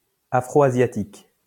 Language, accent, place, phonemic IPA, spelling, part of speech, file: French, France, Lyon, /a.fʁo.a.zja.tik/, afroasiatique, adjective, LL-Q150 (fra)-afroasiatique.wav
- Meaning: alternative form of afro-asiatique